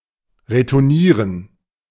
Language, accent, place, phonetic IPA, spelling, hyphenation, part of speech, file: German, Germany, Berlin, [ʁetʊʁˈniːʁən], retournieren, re‧tour‧nie‧ren, verb, De-retournieren.ogg
- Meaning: 1. to return to sender 2. to return (a serve)